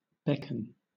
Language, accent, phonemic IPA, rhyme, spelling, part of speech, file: English, Southern England, /ˈbɛkən/, -ɛkən, beckon, verb / noun, LL-Q1860 (eng)-beckon.wav
- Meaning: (verb) 1. To wave or nod to somebody with the intention to make the person come closer 2. To seem attractive and inviting; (noun) A sign made without words; a beck